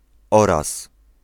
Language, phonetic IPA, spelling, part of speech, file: Polish, [ˈɔras], oraz, conjunction / adverb, Pl-oraz.ogg